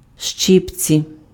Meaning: tongs
- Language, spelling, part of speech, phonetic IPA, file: Ukrainian, щипці, noun, [ˈʃt͡ʃɪpt͡sʲi], Uk-щипці.ogg